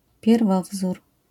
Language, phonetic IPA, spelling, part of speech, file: Polish, [pʲjɛrˈvɔvzur], pierwowzór, noun, LL-Q809 (pol)-pierwowzór.wav